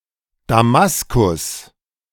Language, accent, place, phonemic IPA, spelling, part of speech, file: German, Germany, Berlin, /daˈmaskʊs/, Damaskus, proper noun, De-Damaskus.ogg